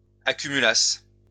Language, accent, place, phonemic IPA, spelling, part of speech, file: French, France, Lyon, /a.ky.my.las/, accumulassent, verb, LL-Q150 (fra)-accumulassent.wav
- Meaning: third-person plural imperfect subjunctive of accumuler